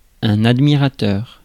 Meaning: admirer
- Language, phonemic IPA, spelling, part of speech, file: French, /ad.mi.ʁa.tœʁ/, admirateur, noun, Fr-admirateur.ogg